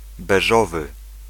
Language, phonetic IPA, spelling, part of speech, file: Polish, [bɛˈʒɔvɨ], beżowy, adjective, Pl-beżowy.ogg